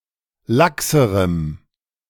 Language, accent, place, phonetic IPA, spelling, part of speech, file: German, Germany, Berlin, [ˈlaksəʁəm], laxerem, adjective, De-laxerem.ogg
- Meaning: strong dative masculine/neuter singular comparative degree of lax